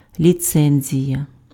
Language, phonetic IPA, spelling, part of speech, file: Ukrainian, [lʲiˈt͡sɛnʲzʲijɐ], ліцензія, noun, Uk-ліцензія.ogg
- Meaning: licence (outside US), license (US)